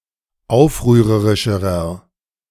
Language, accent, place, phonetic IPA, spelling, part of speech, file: German, Germany, Berlin, [ˈaʊ̯fʁyːʁəʁɪʃəʁɐ], aufrührerischerer, adjective, De-aufrührerischerer.ogg
- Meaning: inflection of aufrührerisch: 1. strong/mixed nominative masculine singular comparative degree 2. strong genitive/dative feminine singular comparative degree